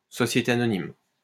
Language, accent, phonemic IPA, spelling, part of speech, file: French, France, /sɔ.sje.te a.nɔ.nim/, société anonyme, noun, LL-Q150 (fra)-société anonyme.wav
- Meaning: public limited company; corporation